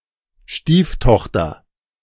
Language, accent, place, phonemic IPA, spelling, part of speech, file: German, Germany, Berlin, /ˈʃtiːfˌtɔxtɐ/, Stieftochter, noun, De-Stieftochter.ogg
- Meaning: stepdaughter